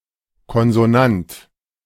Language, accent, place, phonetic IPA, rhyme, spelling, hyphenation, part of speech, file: German, Germany, Berlin, [ˌkɔnzoˈnant], -ant, Konsonant, Kon‧so‧nant, noun, De-Konsonant.ogg
- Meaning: consonant